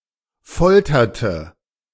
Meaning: inflection of foltern: 1. first/third-person singular preterite 2. first/third-person singular subjunctive II
- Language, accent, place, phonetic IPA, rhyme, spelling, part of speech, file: German, Germany, Berlin, [ˈfɔltɐtə], -ɔltɐtə, folterte, verb, De-folterte.ogg